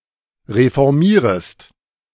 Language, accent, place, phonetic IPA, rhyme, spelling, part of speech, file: German, Germany, Berlin, [ʁefɔʁˈmiːʁəst], -iːʁəst, reformierest, verb, De-reformierest.ogg
- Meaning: second-person singular subjunctive I of reformieren